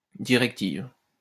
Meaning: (adjective) feminine singular of directif; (noun) directive, general instructions, guideline
- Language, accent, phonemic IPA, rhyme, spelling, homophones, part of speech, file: French, France, /di.ʁɛk.tiv/, -iv, directive, directives, adjective / noun, LL-Q150 (fra)-directive.wav